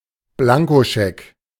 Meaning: 1. blank cheque 2. carte blanche
- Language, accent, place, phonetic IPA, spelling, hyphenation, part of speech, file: German, Germany, Berlin, [ˈblaŋkoˌʃɛk], Blankoscheck, Blan‧ko‧scheck, noun, De-Blankoscheck.ogg